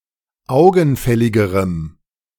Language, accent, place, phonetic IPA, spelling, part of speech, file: German, Germany, Berlin, [ˈaʊ̯ɡn̩ˌfɛlɪɡəʁəm], augenfälligerem, adjective, De-augenfälligerem.ogg
- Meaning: strong dative masculine/neuter singular comparative degree of augenfällig